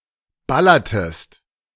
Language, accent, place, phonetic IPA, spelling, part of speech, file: German, Germany, Berlin, [ˈbalɐtəst], ballertest, verb, De-ballertest.ogg
- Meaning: inflection of ballern: 1. second-person singular preterite 2. second-person singular subjunctive II